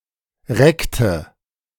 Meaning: inflection of recken: 1. first/third-person singular preterite 2. first/third-person singular subjunctive II
- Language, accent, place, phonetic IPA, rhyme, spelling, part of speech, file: German, Germany, Berlin, [ˈʁɛktə], -ɛktə, reckte, verb, De-reckte.ogg